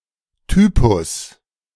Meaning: 1. type 2. character (theatrical) 3. stock character
- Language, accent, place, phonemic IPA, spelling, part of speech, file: German, Germany, Berlin, /ˈtyːpʊs/, Typus, noun, De-Typus.ogg